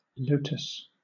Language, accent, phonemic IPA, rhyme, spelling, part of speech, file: English, Southern England, /ˈləʊtəs/, -əʊtəs, lotus, noun, LL-Q1860 (eng)-lotus.wav
- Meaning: 1. Any member of the genus Nelumbo of aquatic plants in the family Nelumbonaceae 2. A water lily (Nymphaea), especially those of Egypt or India